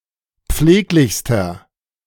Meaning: inflection of pfleglich: 1. strong/mixed nominative masculine singular superlative degree 2. strong genitive/dative feminine singular superlative degree 3. strong genitive plural superlative degree
- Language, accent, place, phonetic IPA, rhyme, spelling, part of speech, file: German, Germany, Berlin, [ˈp͡fleːklɪçstɐ], -eːklɪçstɐ, pfleglichster, adjective, De-pfleglichster.ogg